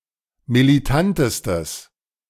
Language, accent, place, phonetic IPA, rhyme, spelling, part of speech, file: German, Germany, Berlin, [miliˈtantəstəs], -antəstəs, militantestes, adjective, De-militantestes.ogg
- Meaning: strong/mixed nominative/accusative neuter singular superlative degree of militant